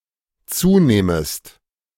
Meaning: second-person singular dependent subjunctive II of zunehmen
- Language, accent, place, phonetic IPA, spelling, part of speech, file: German, Germany, Berlin, [ˈt͡suːˌnɛːməst], zunähmest, verb, De-zunähmest.ogg